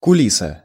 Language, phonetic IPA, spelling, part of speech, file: Russian, [kʊˈlʲisə], кулиса, noun, Ru-кулиса.ogg
- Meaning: 1. link 2. slide (of a trombone) 3. wings, side scenes, slips, coulisses